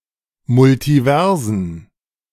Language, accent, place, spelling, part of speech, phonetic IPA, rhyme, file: German, Germany, Berlin, Multiversen, noun, [mʊltiˈvɛʁzn̩], -ɛʁzn̩, De-Multiversen.ogg
- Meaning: plural of Multiversum